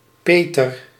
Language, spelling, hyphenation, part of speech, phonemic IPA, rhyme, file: Dutch, Peter, Pe‧ter, proper noun, /ˈpeː.tər/, -eːtər, Nl-Peter.ogg
- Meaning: a male given name, equivalent to English Peter